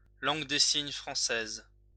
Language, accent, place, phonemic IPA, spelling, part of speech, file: French, France, Lyon, /lɑ̃ɡ de siɲ fʁɑ̃.sɛz/, langue des signes française, noun, LL-Q150 (fra)-langue des signes française.wav
- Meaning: French Sign Language